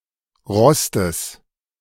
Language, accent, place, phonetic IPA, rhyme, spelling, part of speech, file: German, Germany, Berlin, [ˈʁɔstəs], -ɔstəs, Rostes, noun, De-Rostes.ogg
- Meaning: genitive singular of Rost